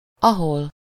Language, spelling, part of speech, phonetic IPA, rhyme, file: Hungarian, ahol, adverb, [ˈɒɦol], -ol, Hu-ahol.ogg
- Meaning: where (at or in which place)